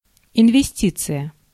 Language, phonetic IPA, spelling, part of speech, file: Russian, [ɪnvʲɪˈsʲtʲit͡sɨjə], инвестиция, noun, Ru-инвестиция.ogg
- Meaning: investment